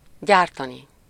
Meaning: infinitive of gyárt
- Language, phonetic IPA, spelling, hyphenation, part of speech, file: Hungarian, [ˈɟaːrtɒni], gyártani, gyár‧ta‧ni, verb, Hu-gyártani.ogg